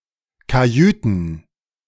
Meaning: plural of Kajüte
- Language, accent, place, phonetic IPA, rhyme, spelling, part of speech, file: German, Germany, Berlin, [kaˈjyːtn̩], -yːtn̩, Kajüten, noun, De-Kajüten.ogg